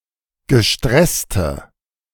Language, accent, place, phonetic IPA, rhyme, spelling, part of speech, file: German, Germany, Berlin, [ɡəˈʃtʁɛstə], -ɛstə, gestresste, adjective, De-gestresste.ogg
- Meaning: inflection of gestresst: 1. strong/mixed nominative/accusative feminine singular 2. strong nominative/accusative plural 3. weak nominative all-gender singular